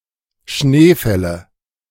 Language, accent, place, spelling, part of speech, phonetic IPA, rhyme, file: German, Germany, Berlin, Schneefälle, noun, [ˈʃneːˌfɛlə], -eːfɛlə, De-Schneefälle.ogg
- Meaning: nominative/accusative/genitive plural of Schneefall